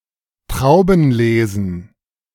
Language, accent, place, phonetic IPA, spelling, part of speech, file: German, Germany, Berlin, [ˈtʁaʊ̯bn̩ˌleːzn̩], Traubenlesen, noun, De-Traubenlesen.ogg
- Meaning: plural of Traubenlese